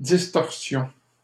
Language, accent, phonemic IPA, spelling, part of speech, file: French, Canada, /dis.tɔʁ.sjɔ̃/, distorsions, noun, LL-Q150 (fra)-distorsions.wav
- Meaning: plural of distorsion